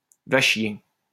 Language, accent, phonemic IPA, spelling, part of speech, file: French, France, /va ʃje/, va chier, interjection, LL-Q150 (fra)-va chier.wav
- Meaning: go fuck yourself! fuck off!